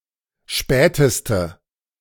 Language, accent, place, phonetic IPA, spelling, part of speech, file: German, Germany, Berlin, [ˈʃpɛːtəstə], späteste, adjective, De-späteste.ogg
- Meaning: inflection of spät: 1. strong/mixed nominative/accusative feminine singular superlative degree 2. strong nominative/accusative plural superlative degree